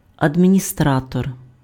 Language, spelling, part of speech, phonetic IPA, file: Ukrainian, адміністратор, noun, [ɐdʲmʲinʲiˈstratɔr], Uk-адміністратор.ogg
- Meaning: administrator